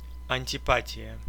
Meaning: antipathy (contrariety or opposition in feeling)
- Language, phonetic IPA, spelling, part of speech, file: Russian, [ɐnʲtʲɪˈpatʲɪjə], антипатия, noun, Ru-антипа́тия.ogg